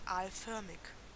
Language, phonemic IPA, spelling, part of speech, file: German, /ˈaːlˌfœʁmɪç/, aalförmig, adjective, De-aalförmig.ogg
- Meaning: anguilliform